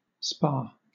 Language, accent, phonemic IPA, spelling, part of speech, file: English, Southern England, /spɑː/, spar, noun / verb, LL-Q1860 (eng)-spar.wav
- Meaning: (noun) 1. A rafter of a roof 2. A thick pole or piece of wood 3. A bar of wood used to fasten a door 4. Any linear object used as a mast, sprit, yard, boom, pole or gaff